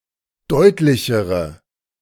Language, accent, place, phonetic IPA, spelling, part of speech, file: German, Germany, Berlin, [ˈdɔɪ̯tlɪçəʁə], deutlichere, adjective, De-deutlichere.ogg
- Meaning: inflection of deutlich: 1. strong/mixed nominative/accusative feminine singular comparative degree 2. strong nominative/accusative plural comparative degree